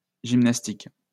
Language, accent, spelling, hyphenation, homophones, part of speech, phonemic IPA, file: French, France, gymnastiques, gym‧nas‧tiques, gymnastique, noun / adjective, /ʒim.nas.tik/, LL-Q150 (fra)-gymnastiques.wav
- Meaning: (noun) plural of gymnastique